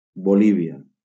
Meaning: Bolivia (a country in South America)
- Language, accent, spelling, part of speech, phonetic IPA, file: Catalan, Valencia, Bolívia, proper noun, [boˈli.vi.a], LL-Q7026 (cat)-Bolívia.wav